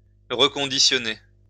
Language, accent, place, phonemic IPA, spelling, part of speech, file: French, France, Lyon, /ʁə.kɔ̃.di.sjɔ.ne/, reconditionner, verb, LL-Q150 (fra)-reconditionner.wav
- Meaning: to recondition